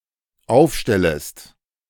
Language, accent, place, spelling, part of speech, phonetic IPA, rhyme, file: German, Germany, Berlin, aufstellest, verb, [ˈaʊ̯fˌʃtɛləst], -aʊ̯fʃtɛləst, De-aufstellest.ogg
- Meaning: second-person singular dependent subjunctive I of aufstellen